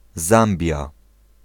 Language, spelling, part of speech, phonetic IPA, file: Polish, Zambia, proper noun, [ˈzãmbʲja], Pl-Zambia.ogg